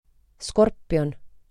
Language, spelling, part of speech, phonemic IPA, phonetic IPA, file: Estonian, skorpion, noun, /ˈskorpio̯n/, [ˈskorpio̯n], Et-skorpion.ogg
- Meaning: 1. scorpion (Scorpio) 2. scorpion (Scorpio): An arachnid, who kills its prey with its venomous sting in the end of its curved tail